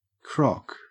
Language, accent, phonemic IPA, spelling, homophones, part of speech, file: English, Australia, /kɹɔk/, crock, croc, noun / verb, En-au-crock.ogg
- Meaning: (noun) 1. A stoneware or earthenware jar or storage container 2. A piece of broken pottery, a shard 3. A person who is physically limited by age, illness or injury